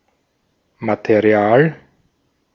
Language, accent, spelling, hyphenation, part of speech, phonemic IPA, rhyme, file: German, Austria, Material, Ma‧te‧ri‧al, noun, /mat(e)ˈri̯aːl/, -aːl, De-at-Material.ogg
- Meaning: material (matter)